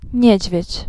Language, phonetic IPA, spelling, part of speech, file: Polish, [ˈɲɛ̇d͡ʑvʲjɛ̇t͡ɕ], niedźwiedź, noun, Pl-niedźwiedź.ogg